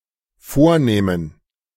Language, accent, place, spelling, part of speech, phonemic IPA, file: German, Germany, Berlin, vornehmen, verb, /ˈfoːɐ̯neːmən/, De-vornehmen.ogg
- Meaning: 1. to undertake 2. to decide to do, plan to do 3. to hunch (one's shoulders)